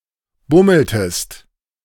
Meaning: inflection of bummeln: 1. second-person singular preterite 2. second-person singular subjunctive II
- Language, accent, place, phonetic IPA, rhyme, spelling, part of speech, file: German, Germany, Berlin, [ˈbʊml̩təst], -ʊml̩təst, bummeltest, verb, De-bummeltest.ogg